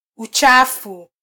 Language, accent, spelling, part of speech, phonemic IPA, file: Swahili, Kenya, uchafu, noun, /uˈtʃɑ.fu/, Sw-ke-uchafu.flac
- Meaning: 1. dirtiness (state or quality of being dirty) 2. dirt, filth